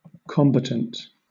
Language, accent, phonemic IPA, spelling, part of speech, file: English, Southern England, /ˈkɒm.bə.tənt/, combatant, noun / adjective, LL-Q1860 (eng)-combatant.wav
- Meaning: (noun) A person engaged in combat, often armed; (adjective) 1. Contending; disposed to contend 2. Involving combat 3. Alternative form of combattant (“in heraldry: in a fighting position”)